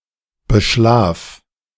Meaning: singular imperative of beschlafen
- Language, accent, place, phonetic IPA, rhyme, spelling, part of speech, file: German, Germany, Berlin, [bəˈʃlaːf], -aːf, beschlaf, verb, De-beschlaf.ogg